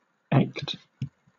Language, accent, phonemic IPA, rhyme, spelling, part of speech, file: English, Southern England, /ɛkt/, -ɛkt, echt, adjective, LL-Q1860 (eng)-echt.wav
- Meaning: Proper, real, genuine, true to type